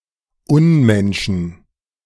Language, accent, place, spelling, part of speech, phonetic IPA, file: German, Germany, Berlin, Unmenschen, noun, [ˈʊnˌmɛnʃn̩], De-Unmenschen.ogg
- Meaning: 1. genitive singular of Unmensch 2. plural of Unmensch